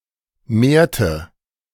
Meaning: inflection of mehren: 1. first/third-person singular preterite 2. first/third-person singular subjunctive II
- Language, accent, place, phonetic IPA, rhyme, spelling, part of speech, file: German, Germany, Berlin, [ˈmeːɐ̯tə], -eːɐ̯tə, mehrte, verb, De-mehrte.ogg